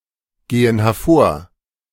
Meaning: inflection of hervorgehen: 1. first/third-person plural present 2. first/third-person plural subjunctive I
- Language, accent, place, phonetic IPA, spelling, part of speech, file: German, Germany, Berlin, [ˌɡeːən hɛɐ̯ˈfoːɐ̯], gehen hervor, verb, De-gehen hervor.ogg